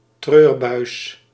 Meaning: television
- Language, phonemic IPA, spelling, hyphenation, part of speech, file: Dutch, /ˈtrøːr.bœy̯s/, treurbuis, treur‧buis, noun, Nl-treurbuis.ogg